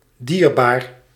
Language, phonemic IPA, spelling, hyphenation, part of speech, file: Dutch, /ˈdiːrbaːr/, dierbaar, dier‧baar, adjective, Nl-dierbaar.ogg
- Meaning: 1. dear, prized by someone 2. precious, of great value 3. pricey 4. highly/morally moving, touching